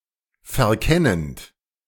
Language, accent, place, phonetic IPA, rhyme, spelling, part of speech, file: German, Germany, Berlin, [fɛɐ̯ˈkɛnənt], -ɛnənt, verkennend, verb, De-verkennend.ogg
- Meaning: present participle of verkennen